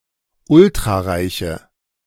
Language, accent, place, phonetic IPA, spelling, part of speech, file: German, Germany, Berlin, [ˈʊltʁaˌʁaɪ̯çə], ultrareiche, adjective, De-ultrareiche.ogg
- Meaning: inflection of ultrareich: 1. strong/mixed nominative/accusative feminine singular 2. strong nominative/accusative plural 3. weak nominative all-gender singular